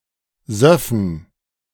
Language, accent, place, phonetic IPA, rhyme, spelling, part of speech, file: German, Germany, Berlin, [ˈzœfn̩], -œfn̩, söffen, verb, De-söffen.ogg
- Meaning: first/third-person plural subjunctive II of saufen